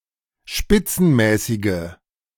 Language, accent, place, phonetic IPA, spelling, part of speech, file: German, Germany, Berlin, [ˈʃpɪt͡sn̩ˌmɛːsɪɡə], spitzenmäßige, adjective, De-spitzenmäßige.ogg
- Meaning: inflection of spitzenmäßig: 1. strong/mixed nominative/accusative feminine singular 2. strong nominative/accusative plural 3. weak nominative all-gender singular